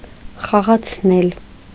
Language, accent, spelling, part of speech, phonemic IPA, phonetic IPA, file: Armenian, Eastern Armenian, խաղացնել, verb, /χɑʁɑt͡sʰˈnel/, [χɑʁɑt͡sʰnél], Hy-խաղացնել.ogg
- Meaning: 1. causative of խաղալ (xaġal) 2. to mislead, mess around with, lead a merry dance